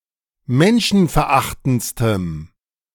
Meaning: strong dative masculine/neuter singular superlative degree of menschenverachtend
- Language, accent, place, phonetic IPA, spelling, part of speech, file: German, Germany, Berlin, [ˈmɛnʃn̩fɛɐ̯ˌʔaxtn̩t͡stəm], menschenverachtendstem, adjective, De-menschenverachtendstem.ogg